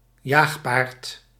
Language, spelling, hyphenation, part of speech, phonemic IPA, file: Dutch, jaagpaard, jaag‧paard, noun, /ˈjaːx.paːrt/, Nl-jaagpaard.ogg
- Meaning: towing horse for a trekschuit